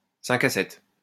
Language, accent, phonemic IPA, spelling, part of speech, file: French, France, /sɛ̃k a sɛt/, 5 à 7, noun, LL-Q150 (fra)-5 à 7.wav
- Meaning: happy hour